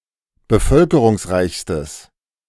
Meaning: strong/mixed nominative/accusative neuter singular superlative degree of bevölkerungsreich
- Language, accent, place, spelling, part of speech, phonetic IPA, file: German, Germany, Berlin, bevölkerungsreichstes, adjective, [bəˈfœlkəʁʊŋsˌʁaɪ̯çstəs], De-bevölkerungsreichstes.ogg